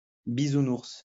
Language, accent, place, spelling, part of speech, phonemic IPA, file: French, France, Lyon, Bisounours, noun, /bi.zu.nuʁs/, LL-Q150 (fra)-Bisounours.wav
- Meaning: Care Bear